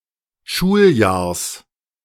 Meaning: genitive of Schuljahr
- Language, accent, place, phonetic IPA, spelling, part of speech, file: German, Germany, Berlin, [ˈʃuːlˌjaːɐ̯s], Schuljahrs, noun, De-Schuljahrs.ogg